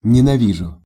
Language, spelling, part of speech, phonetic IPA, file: Russian, ненавижу, verb, [nʲɪnɐˈvʲiʐʊ], Ru-ненавижу.ogg
- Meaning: first-person singular present indicative imperfective of ненави́деть (nenavídetʹ)